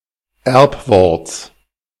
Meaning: genitive singular of Erbwort
- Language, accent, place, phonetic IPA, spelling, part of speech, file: German, Germany, Berlin, [ˈɛʁpˌvɔʁt͡s], Erbworts, noun, De-Erbworts.ogg